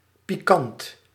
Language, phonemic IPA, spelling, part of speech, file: Dutch, /piˈkɑnt/, pikant, adjective, Nl-pikant.ogg
- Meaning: 1. hot, spicy, piquant 2. piquant, savory